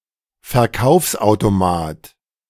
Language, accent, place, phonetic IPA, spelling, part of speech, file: German, Germany, Berlin, [fɛɐ̯ˈkaʊ̯fsʔaʊ̯toˌmaːt], Verkaufsautomat, noun, De-Verkaufsautomat.ogg
- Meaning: vending machine